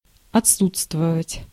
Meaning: to be absent, to be lacking
- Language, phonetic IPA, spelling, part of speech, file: Russian, [ɐt͡sˈsut͡stvəvətʲ], отсутствовать, verb, Ru-отсутствовать.ogg